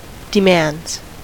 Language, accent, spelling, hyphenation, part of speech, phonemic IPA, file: English, US, demands, de‧mands, noun / verb, /dɪˈmændz/, En-us-demands.ogg
- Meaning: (noun) plural of demand; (verb) third-person singular simple present indicative of demand